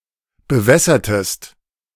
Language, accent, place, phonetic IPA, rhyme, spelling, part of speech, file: German, Germany, Berlin, [bəˈvɛsɐtəst], -ɛsɐtəst, bewässertest, verb, De-bewässertest.ogg
- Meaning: inflection of bewässern: 1. second-person singular preterite 2. second-person singular subjunctive II